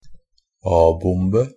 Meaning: 1. an atom bomb (A-bomb) 2. abbreviation of atombombe
- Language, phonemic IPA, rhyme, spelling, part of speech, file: Norwegian Bokmål, /ˈɑːbʊmbə/, -ʊmbə, a-bombe, noun, NB - Pronunciation of Norwegian Bokmål «a-bombe».ogg